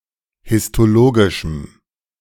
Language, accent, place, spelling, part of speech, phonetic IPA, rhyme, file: German, Germany, Berlin, histologischem, adjective, [hɪstoˈloːɡɪʃm̩], -oːɡɪʃm̩, De-histologischem.ogg
- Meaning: strong dative masculine/neuter singular of histologisch